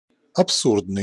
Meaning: absurd
- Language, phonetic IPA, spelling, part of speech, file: Russian, [ɐpˈsurdnɨj], абсурдный, adjective, Ru-абсурдный.ogg